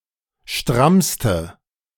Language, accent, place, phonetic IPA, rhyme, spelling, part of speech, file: German, Germany, Berlin, [ˈʃtʁamstə], -amstə, strammste, adjective, De-strammste.ogg
- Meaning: inflection of stramm: 1. strong/mixed nominative/accusative feminine singular superlative degree 2. strong nominative/accusative plural superlative degree